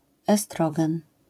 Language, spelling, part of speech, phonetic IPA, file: Polish, estrogen, noun, [ɛˈstrɔɡɛ̃n], LL-Q809 (pol)-estrogen.wav